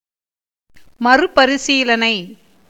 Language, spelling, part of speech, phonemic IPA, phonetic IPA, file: Tamil, மறுபரிசீலனை, noun, /mɐrʊbɐɾɪtʃiːlɐnɐɪ̯/, [mɐrʊbɐɾɪsiːlɐnɐɪ̯], Ta-மறுபரிசீலனை.ogg
- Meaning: review, reconsideration